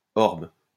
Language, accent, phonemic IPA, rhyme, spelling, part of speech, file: French, France, /ɔʁb/, -ɔʁb, orbe, noun, LL-Q150 (fra)-orbe.wav
- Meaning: 1. circle 2. orb (spherical body) 3. globus cruciger